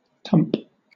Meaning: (noun) A mound or hillock; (verb) 1. To form a mass of earth or a hillock around 2. to bump, knock (usually used with "over", possibly a combination of "tip" and "dump") 3. To fall over
- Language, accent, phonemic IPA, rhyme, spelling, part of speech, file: English, Southern England, /tʌmp/, -ʌmp, tump, noun / verb, LL-Q1860 (eng)-tump.wav